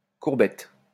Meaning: bow (prostration)
- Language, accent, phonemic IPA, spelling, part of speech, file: French, France, /kuʁ.bɛt/, courbette, noun, LL-Q150 (fra)-courbette.wav